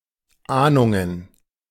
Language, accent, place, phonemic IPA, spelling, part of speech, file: German, Germany, Berlin, /ˈʔaːnʊŋən/, Ahnungen, noun, De-Ahnungen.ogg
- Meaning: plural of Ahnung